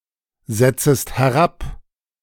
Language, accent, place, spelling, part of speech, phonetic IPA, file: German, Germany, Berlin, setzest herab, verb, [ˌzɛt͡səst hɛˈʁap], De-setzest herab.ogg
- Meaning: second-person singular subjunctive I of herabsetzen